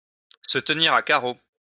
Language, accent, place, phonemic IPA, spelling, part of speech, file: French, France, Lyon, /sə t(ə).ni.ʁ‿a ka.ʁo/, se tenir à carreau, verb, LL-Q150 (fra)-se tenir à carreau.wav
- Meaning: to lie low, to watch one's step, to behave oneself, to straighten up, to walk the line